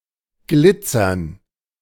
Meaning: to glitter, sparkle
- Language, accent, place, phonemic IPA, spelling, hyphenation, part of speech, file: German, Germany, Berlin, /ˈɡlɪt͡sɐn/, glitzern, glit‧zern, verb, De-glitzern.ogg